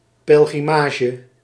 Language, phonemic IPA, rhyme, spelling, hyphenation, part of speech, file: Dutch, /ˌpɛl.ɣriˈmaː.ʒə/, -aːʒə, pelgrimage, pel‧gri‧ma‧ge, noun, Nl-pelgrimage.ogg
- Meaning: pilgrimage